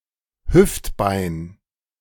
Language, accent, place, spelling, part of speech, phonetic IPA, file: German, Germany, Berlin, Hüftbein, noun, [ˈhʏftˌbaɪ̯n], De-Hüftbein.ogg
- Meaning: hip bone